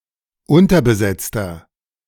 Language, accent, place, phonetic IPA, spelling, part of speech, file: German, Germany, Berlin, [ˈʊntɐbəˌzɛt͡stɐ], unterbesetzter, adjective, De-unterbesetzter.ogg
- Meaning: inflection of unterbesetzt: 1. strong/mixed nominative masculine singular 2. strong genitive/dative feminine singular 3. strong genitive plural